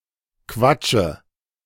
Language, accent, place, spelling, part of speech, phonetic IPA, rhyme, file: German, Germany, Berlin, quatsche, verb, [ˈkvat͡ʃə], -at͡ʃə, De-quatsche.ogg
- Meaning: inflection of quatschen: 1. first-person singular present 2. first/third-person singular subjunctive I 3. singular imperative